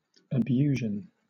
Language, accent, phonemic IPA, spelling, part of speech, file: English, Southern England, /əˈbjuː.ʒn̩/, abusion, noun, LL-Q1860 (eng)-abusion.wav
- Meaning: 1. Misuse, abuse; in particular, illegal behaviour; verbal, physical or sexual abuse 2. Deceit; abuse of the truth 3. Catachresis